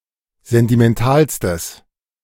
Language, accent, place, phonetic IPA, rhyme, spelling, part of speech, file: German, Germany, Berlin, [ˌzɛntimɛnˈtaːlstəs], -aːlstəs, sentimentalstes, adjective, De-sentimentalstes.ogg
- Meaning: strong/mixed nominative/accusative neuter singular superlative degree of sentimental